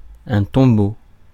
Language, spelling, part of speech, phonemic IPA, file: French, tombeau, noun, /tɔ̃.bo/, Fr-tombeau.ogg
- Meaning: tomb